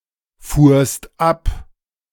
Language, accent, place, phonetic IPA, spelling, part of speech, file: German, Germany, Berlin, [ˌfuːɐ̯st ˈap], fuhrst ab, verb, De-fuhrst ab.ogg
- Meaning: second-person singular preterite of abfahren